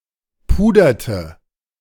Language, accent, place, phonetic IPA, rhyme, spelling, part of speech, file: German, Germany, Berlin, [ˈpuːdɐtə], -uːdɐtə, puderte, verb, De-puderte.ogg
- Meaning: inflection of pudern: 1. first/third-person singular preterite 2. first/third-person singular subjunctive II